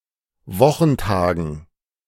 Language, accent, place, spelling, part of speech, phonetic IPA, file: German, Germany, Berlin, Wochentagen, noun, [ˈvɔxn̩ˌtaːɡn̩], De-Wochentagen.ogg
- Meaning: dative plural of Wochentag